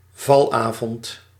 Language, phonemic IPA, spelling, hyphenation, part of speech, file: Dutch, /ˈvɑlˌaː.vɔnt/, valavond, val‧avond, noun, Nl-valavond.ogg
- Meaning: nightfall, sundown, dusk